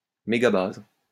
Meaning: megabase
- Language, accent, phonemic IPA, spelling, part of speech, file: French, France, /me.ɡa.baz/, mégabase, noun, LL-Q150 (fra)-mégabase.wav